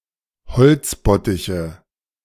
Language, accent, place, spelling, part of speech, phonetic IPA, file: German, Germany, Berlin, bezifferte, adjective / verb, [bəˈt͡sɪfɐtə], De-bezifferte.ogg
- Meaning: inflection of beziffert: 1. strong/mixed nominative/accusative feminine singular 2. strong nominative/accusative plural 3. weak nominative all-gender singular